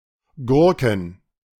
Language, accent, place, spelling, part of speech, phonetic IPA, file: German, Germany, Berlin, Gurken, noun, [ˈɡʊʁkŋ̩], De-Gurken.ogg
- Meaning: plural of Gurke